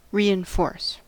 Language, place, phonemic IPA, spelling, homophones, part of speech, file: English, California, /ˌɹi.ɪnˈfɔɹs/, reinforce, reenforce, verb, En-us-reinforce.ogg
- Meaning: 1. To strengthen, especially by addition or augmentation 2. To emphasize or review 3. To encourage (a behavior or idea) through repeated stimulus